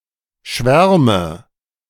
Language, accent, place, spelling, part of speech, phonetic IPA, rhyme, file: German, Germany, Berlin, Schwärme, noun, [ˈʃvɛʁmə], -ɛʁmə, De-Schwärme.ogg
- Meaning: nominative/accusative/genitive plural of Schwarm